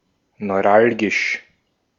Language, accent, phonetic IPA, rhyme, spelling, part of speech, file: German, Austria, [nɔɪ̯ˈʁalɡɪʃ], -alɡɪʃ, neuralgisch, adjective, De-at-neuralgisch.ogg
- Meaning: 1. neuralgic 2. critical, causing trouble